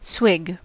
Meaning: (verb) 1. To drink (usually by gulping or in a greedy or unrefined manner); to quaff 2. To suck
- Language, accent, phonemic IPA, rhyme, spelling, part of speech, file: English, US, /swɪɡ/, -ɪɡ, swig, verb / noun, En-us-swig.ogg